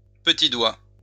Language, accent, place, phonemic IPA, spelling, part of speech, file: French, France, Lyon, /pə.ti dwa/, petit doigt, noun, LL-Q150 (fra)-petit doigt.wav
- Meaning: little finger (outermost and smallest finger of the hand), auricular